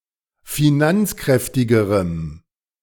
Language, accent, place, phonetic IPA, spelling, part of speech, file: German, Germany, Berlin, [fiˈnant͡sˌkʁɛftɪɡəʁəm], finanzkräftigerem, adjective, De-finanzkräftigerem.ogg
- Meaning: strong dative masculine/neuter singular comparative degree of finanzkräftig